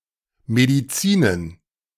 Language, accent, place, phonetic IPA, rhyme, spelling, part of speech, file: German, Germany, Berlin, [mediˈt͡siːnən], -iːnən, Medizinen, noun, De-Medizinen.ogg
- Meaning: plural of Medizin